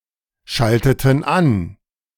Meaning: inflection of anschalten: 1. first/third-person plural preterite 2. first/third-person plural subjunctive II
- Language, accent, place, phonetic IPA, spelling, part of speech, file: German, Germany, Berlin, [ˌʃaltətn̩ ˈan], schalteten an, verb, De-schalteten an.ogg